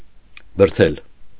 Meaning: to push
- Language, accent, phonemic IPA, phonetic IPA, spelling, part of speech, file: Armenian, Eastern Armenian, /bəɾˈtʰel/, [bəɾtʰél], բրթել, verb, Hy-բրթել.ogg